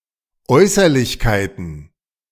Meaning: plural of Äußerlichkeit
- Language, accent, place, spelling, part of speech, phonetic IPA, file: German, Germany, Berlin, Äußerlichkeiten, noun, [ˈɔɪ̯sɐlɪçkaɪ̯tn̩], De-Äußerlichkeiten.ogg